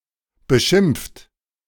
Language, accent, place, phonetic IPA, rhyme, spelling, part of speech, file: German, Germany, Berlin, [bəˈʃɪmp͡ft], -ɪmp͡ft, beschimpft, verb, De-beschimpft.ogg
- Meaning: 1. past participle of beschimpfen 2. inflection of beschimpfen: second-person plural present 3. inflection of beschimpfen: third-person singular present 4. inflection of beschimpfen: plural imperative